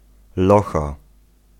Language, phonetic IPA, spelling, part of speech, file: Polish, [ˈlɔxa], locha, noun, Pl-locha.ogg